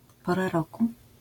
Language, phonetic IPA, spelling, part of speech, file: Polish, [ˈpɔra ˈrɔku], pora roku, noun, LL-Q809 (pol)-pora roku.wav